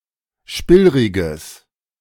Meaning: strong/mixed nominative/accusative neuter singular of spillrig
- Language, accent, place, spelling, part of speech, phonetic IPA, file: German, Germany, Berlin, spillriges, adjective, [ˈʃpɪlʁɪɡəs], De-spillriges.ogg